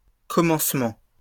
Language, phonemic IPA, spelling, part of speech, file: French, /kɔ.mɑ̃s.mɑ̃/, commencements, noun, LL-Q150 (fra)-commencements.wav
- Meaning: plural of commencement